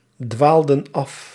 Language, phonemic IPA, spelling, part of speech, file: Dutch, /ˈdwaldə(n) ˈɑf/, dwaalden af, verb, Nl-dwaalden af.ogg
- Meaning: inflection of afdwalen: 1. plural past indicative 2. plural past subjunctive